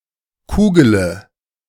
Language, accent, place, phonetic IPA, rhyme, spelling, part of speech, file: German, Germany, Berlin, [ˈkuːɡələ], -uːɡələ, kugele, verb, De-kugele.ogg
- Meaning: inflection of kugeln: 1. first-person singular present 2. first-person plural subjunctive I 3. third-person singular subjunctive I 4. singular imperative